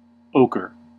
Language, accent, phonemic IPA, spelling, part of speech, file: English, US, /ˈoʊkɚ/, ochre, noun / adjective / verb, En-us-ochre.ogg
- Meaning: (noun) 1. A clay earth pigment containing silica, aluminum and ferric oxide 2. A somewhat dark yellowish orange colour 3. The stop codon sequence "UAA" 4. Money, especially gold